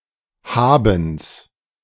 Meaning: genitive singular of Haben
- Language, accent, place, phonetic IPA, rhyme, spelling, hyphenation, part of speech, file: German, Germany, Berlin, [ˈhaːbn̩s], -aːbn̩s, Habens, Ha‧bens, noun, De-Habens.ogg